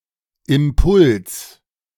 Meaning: 1. impulse, momentum 2. impetus 3. stimulus, incentive 4. momentum
- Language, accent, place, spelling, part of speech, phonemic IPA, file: German, Germany, Berlin, Impuls, noun, /ɪmˈpʊls/, De-Impuls.ogg